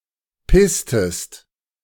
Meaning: inflection of pissen: 1. second-person singular preterite 2. second-person singular subjunctive II
- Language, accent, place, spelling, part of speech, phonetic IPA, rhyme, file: German, Germany, Berlin, pisstest, verb, [ˈpɪstəst], -ɪstəst, De-pisstest.ogg